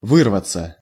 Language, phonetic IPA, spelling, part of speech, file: Russian, [ˈvɨrvət͡sə], вырваться, verb, Ru-вырваться.ogg
- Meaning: 1. to break away, to break loose, to escape 2. to escape (words, sound, moan, etc.) 3. passive of вы́рвать (výrvatʹ)